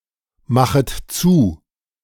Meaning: second-person plural subjunctive I of zumachen
- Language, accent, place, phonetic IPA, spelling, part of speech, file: German, Germany, Berlin, [ˌmaxət ˈt͡suː], machet zu, verb, De-machet zu.ogg